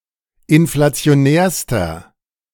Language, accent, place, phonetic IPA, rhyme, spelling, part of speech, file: German, Germany, Berlin, [ɪnflat͡si̯oˈnɛːɐ̯stɐ], -ɛːɐ̯stɐ, inflationärster, adjective, De-inflationärster.ogg
- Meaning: inflection of inflationär: 1. strong/mixed nominative masculine singular superlative degree 2. strong genitive/dative feminine singular superlative degree 3. strong genitive plural superlative degree